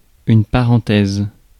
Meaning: 1. parenthesis, digression 2. Either of a pair of round brackets
- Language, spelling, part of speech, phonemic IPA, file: French, parenthèse, noun, /pa.ʁɑ̃.tɛz/, Fr-parenthèse.ogg